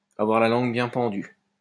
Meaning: 1. to be a chatterbox, to talk a lot, to be very talkative; to have the gift of the gab 2. to have a sharp tongue, to be sharp-tongued
- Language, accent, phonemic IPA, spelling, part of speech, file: French, France, /a.vwaʁ la lɑ̃ɡ bjɛ̃ pɑ̃.dy/, avoir la langue bien pendue, verb, LL-Q150 (fra)-avoir la langue bien pendue.wav